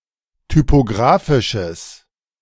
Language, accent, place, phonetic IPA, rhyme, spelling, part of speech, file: German, Germany, Berlin, [typoˈɡʁaːfɪʃəs], -aːfɪʃəs, typographisches, adjective, De-typographisches.ogg
- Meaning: strong/mixed nominative/accusative neuter singular of typographisch